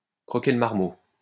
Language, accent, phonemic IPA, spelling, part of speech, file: French, France, /kʁɔ.ke l(ə) maʁ.mo/, croquer le marmot, verb, LL-Q150 (fra)-croquer le marmot.wav
- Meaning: to wait around for a long time